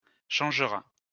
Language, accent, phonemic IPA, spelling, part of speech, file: French, France, /ʃɑ̃ʒ.ʁa/, changera, verb, LL-Q150 (fra)-changera.wav
- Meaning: third-person singular future of changer